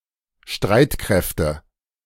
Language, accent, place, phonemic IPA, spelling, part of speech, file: German, Germany, Berlin, /ˈʃtʁaɪ̯tˌkʁɛftə/, Streitkräfte, noun, De-Streitkräfte.ogg
- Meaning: nominative/accusative/genitive plural of Streitkraft (“armed forces”)